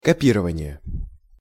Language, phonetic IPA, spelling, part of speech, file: Russian, [kɐˈpʲirəvənʲɪje], копирование, noun, Ru-копирование.ogg
- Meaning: copying